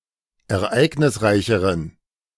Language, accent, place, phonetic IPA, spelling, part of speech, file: German, Germany, Berlin, [ɛɐ̯ˈʔaɪ̯ɡnɪsˌʁaɪ̯çəʁən], ereignisreicheren, adjective, De-ereignisreicheren.ogg
- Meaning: inflection of ereignisreich: 1. strong genitive masculine/neuter singular comparative degree 2. weak/mixed genitive/dative all-gender singular comparative degree